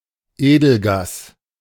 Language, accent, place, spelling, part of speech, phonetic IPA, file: German, Germany, Berlin, Edelgas, noun, [ˈeːdl̩ˌɡaːs], De-Edelgas.ogg
- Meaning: noble gas